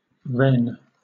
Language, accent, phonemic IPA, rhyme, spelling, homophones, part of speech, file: English, Southern England, /ɹɛn/, -ɛn, Rennes, wren, proper noun, LL-Q1860 (eng)-Rennes.wav
- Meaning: The capital city of Ille-et-Vilaine department, France; the capital city of the region of Brittany